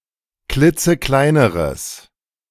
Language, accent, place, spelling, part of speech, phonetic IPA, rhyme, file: German, Germany, Berlin, klitzekleineres, adjective, [ˈklɪt͡səˈklaɪ̯nəʁəs], -aɪ̯nəʁəs, De-klitzekleineres.ogg
- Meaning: strong/mixed nominative/accusative neuter singular comparative degree of klitzeklein